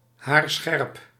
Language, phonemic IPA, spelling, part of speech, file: Dutch, /ˈɦaːrˌsxɛrp/, haarscherp, adjective, Nl-haarscherp.ogg
- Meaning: pinpoint, extremely accurate